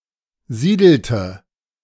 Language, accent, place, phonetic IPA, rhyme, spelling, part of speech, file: German, Germany, Berlin, [ˈziːdl̩tə], -iːdl̩tə, siedelte, verb, De-siedelte.ogg
- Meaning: inflection of siedeln: 1. first/third-person singular preterite 2. first/third-person singular subjunctive II